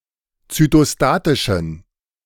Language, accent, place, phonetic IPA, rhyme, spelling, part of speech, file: German, Germany, Berlin, [t͡sytoˈstaːtɪʃn̩], -aːtɪʃn̩, zytostatischen, adjective, De-zytostatischen.ogg
- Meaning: inflection of zytostatisch: 1. strong genitive masculine/neuter singular 2. weak/mixed genitive/dative all-gender singular 3. strong/weak/mixed accusative masculine singular 4. strong dative plural